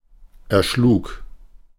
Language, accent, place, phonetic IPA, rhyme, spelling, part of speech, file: German, Germany, Berlin, [ɛɐ̯ˈʃluːk], -uːk, erschlug, verb, De-erschlug.ogg
- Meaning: first/third-person singular preterite of erschlagen